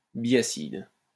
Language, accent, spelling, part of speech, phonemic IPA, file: French, France, biacide, noun, /bi.a.sid/, LL-Q150 (fra)-biacide.wav
- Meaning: synonym of diacide